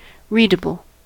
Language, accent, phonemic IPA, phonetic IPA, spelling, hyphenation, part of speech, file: English, US, /ˈɹiː.də.bəl/, [ˈɹiː.də.bl̩], readable, read‧a‧ble, adjective, En-us-readable.ogg
- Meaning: 1. Legible, possible to read or at least decipher 2. Which can be read—i.e. accessed or played—by a certain technical type of device